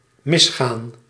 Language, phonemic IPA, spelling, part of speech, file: Dutch, /mɪsˈxan/, misgaan, verb, Nl-misgaan.ogg
- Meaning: to go wrong, fail